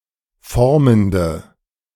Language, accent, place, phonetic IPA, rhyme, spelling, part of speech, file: German, Germany, Berlin, [ˈfɔʁməndə], -ɔʁməndə, formende, adjective, De-formende.ogg
- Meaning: inflection of formend: 1. strong/mixed nominative/accusative feminine singular 2. strong nominative/accusative plural 3. weak nominative all-gender singular 4. weak accusative feminine/neuter singular